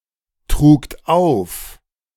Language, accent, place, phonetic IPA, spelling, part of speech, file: German, Germany, Berlin, [ˌtʁuːkt ˈaʊ̯f], trugt auf, verb, De-trugt auf.ogg
- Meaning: second-person plural preterite of auftragen